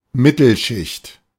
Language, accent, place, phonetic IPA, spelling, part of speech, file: German, Germany, Berlin, [ˈmɪtl̩ˌʃɪçt], Mittelschicht, noun, De-Mittelschicht.ogg
- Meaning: 1. middle class 2. middle shift